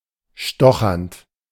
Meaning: present participle of stochern
- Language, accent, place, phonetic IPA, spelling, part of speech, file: German, Germany, Berlin, [ˈʃtɔxɐnt], stochernd, verb, De-stochernd.ogg